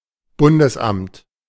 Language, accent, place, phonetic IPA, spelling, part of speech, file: German, Germany, Berlin, [ˈbʊndəsˌʔamt], Bundesamt, noun, De-Bundesamt.ogg
- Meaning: federal office